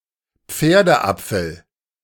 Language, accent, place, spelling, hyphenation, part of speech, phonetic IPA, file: German, Germany, Berlin, Pferdeapfel, Pfer‧de‧ap‧fel, noun, [ˈp͡feːɐ̯dəˌʔap͡fl̩], De-Pferdeapfel.ogg
- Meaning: road apple